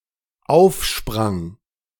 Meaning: first/third-person singular dependent preterite of aufspringen
- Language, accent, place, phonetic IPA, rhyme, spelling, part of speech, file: German, Germany, Berlin, [ˈaʊ̯fˌʃpʁaŋ], -aʊ̯fʃpʁaŋ, aufsprang, verb, De-aufsprang.ogg